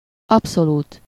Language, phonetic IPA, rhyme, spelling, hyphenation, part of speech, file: Hungarian, [ˈɒpsoluːt], -uːt, abszolút, ab‧szo‧lút, adjective / adverb, Hu-abszolút.ogg
- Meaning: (adjective) absolute; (adverb) absolutely